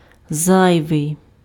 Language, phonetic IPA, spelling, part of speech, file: Ukrainian, [ˈzajʋei̯], зайвий, adjective, Uk-зайвий.ogg
- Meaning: 1. superfluous, redundant (beyond that which is needed) 2. excessive, excess 3. spare, surplus (not currently used)